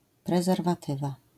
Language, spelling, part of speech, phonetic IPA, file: Polish, prezerwatywa, noun, [ˌprɛzɛrvaˈtɨva], LL-Q809 (pol)-prezerwatywa.wav